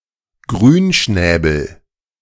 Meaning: nominative/accusative/genitive plural of Grünschnabel
- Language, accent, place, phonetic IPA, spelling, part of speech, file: German, Germany, Berlin, [ˈɡʁyːnˌʃnɛːbl̩], Grünschnäbel, noun, De-Grünschnäbel.ogg